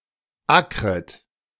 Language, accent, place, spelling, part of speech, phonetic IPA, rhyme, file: German, Germany, Berlin, ackret, verb, [ˈakʁət], -akʁət, De-ackret.ogg
- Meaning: second-person plural subjunctive I of ackern